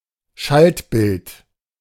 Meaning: circuit diagram, schematic
- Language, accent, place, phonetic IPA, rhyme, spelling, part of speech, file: German, Germany, Berlin, [ˈʃaltˌbɪlt], -altbɪlt, Schaltbild, noun, De-Schaltbild.ogg